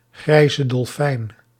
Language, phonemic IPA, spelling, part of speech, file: Dutch, /ˌɣrɛi̯.zə dɔlˈfɛi̯n/, grijze dolfijn, noun, Nl-grijze dolfijn.ogg
- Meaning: Risso's dolphin (Grampus griseus)